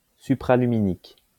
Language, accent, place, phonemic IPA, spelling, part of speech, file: French, France, Lyon, /sy.pʁa.ly.mi.nik/, supraluminique, adjective, LL-Q150 (fra)-supraluminique.wav
- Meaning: faster-than-light